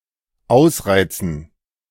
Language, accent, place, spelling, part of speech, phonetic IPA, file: German, Germany, Berlin, ausreizen, verb, [ˈʔaʊ̯sraɪ̯tsn̩], De-ausreizen.ogg
- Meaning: to milk; exhaust; make full use of